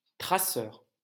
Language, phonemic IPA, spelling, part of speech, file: French, /tʁa.sœʁ/, traceur, noun, LL-Q150 (fra)-traceur.wav
- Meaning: 1. tracer (person who traces), plotter (person who plots a line) 2. tracer (visible projectile) 3. plotter (machine that draws technical drawings) 4. yamakasi (person who practices parkour)